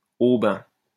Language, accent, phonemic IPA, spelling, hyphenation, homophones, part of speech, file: French, France, /o.bɛ̃/, aubain, au‧bain, aubin, noun / adjective, LL-Q150 (fra)-aubain.wav
- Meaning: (noun) 1. a foreigner who was not naturalised, and who had few rights 2. a foreigner or alien; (adjective) white